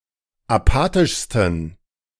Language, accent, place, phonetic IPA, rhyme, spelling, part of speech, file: German, Germany, Berlin, [aˈpaːtɪʃstn̩], -aːtɪʃstn̩, apathischsten, adjective, De-apathischsten.ogg
- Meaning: 1. superlative degree of apathisch 2. inflection of apathisch: strong genitive masculine/neuter singular superlative degree